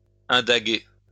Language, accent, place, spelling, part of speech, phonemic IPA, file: French, France, Lyon, indaguer, verb, /ɛ̃.da.ɡe/, LL-Q150 (fra)-indaguer.wav
- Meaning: to investigate